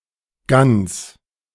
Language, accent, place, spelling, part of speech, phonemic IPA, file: German, Germany, Berlin, Gans, noun, /ɡans/, De-Gans2.ogg
- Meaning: 1. goose 2. hen; silly goose